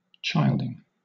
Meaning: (noun) gerund of child: the act or process of childbearing or childbirth
- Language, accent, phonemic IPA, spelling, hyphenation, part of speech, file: English, Southern England, /ˈt͡ʃaɪldɪŋ/, childing, child‧ing, noun / adjective / verb, LL-Q1860 (eng)-childing.wav